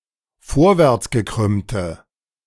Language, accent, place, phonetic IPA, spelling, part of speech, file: German, Germany, Berlin, [ˈfoːɐ̯vɛʁt͡sɡəˌkʁʏmtə], vorwärtsgekrümmte, adjective, De-vorwärtsgekrümmte.ogg
- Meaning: inflection of vorwärtsgekrümmt: 1. strong/mixed nominative/accusative feminine singular 2. strong nominative/accusative plural 3. weak nominative all-gender singular